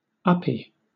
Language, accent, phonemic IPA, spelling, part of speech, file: English, Southern England, /ˈʌ.pi/, uppy, adjective / noun, LL-Q1860 (eng)-uppy.wav
- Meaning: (adjective) Synonym of uppity; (noun) The act of being held up, e.g. carried on one's parent's shoulder or back